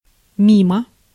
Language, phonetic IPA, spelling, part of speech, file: Russian, [ˈmʲimə], мимо, preposition / adverb, Ru-мимо.ogg
- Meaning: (preposition) past, by